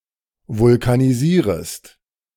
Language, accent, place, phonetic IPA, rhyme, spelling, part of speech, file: German, Germany, Berlin, [vʊlkaniˈziːʁəst], -iːʁəst, vulkanisierest, verb, De-vulkanisierest.ogg
- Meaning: second-person singular subjunctive I of vulkanisieren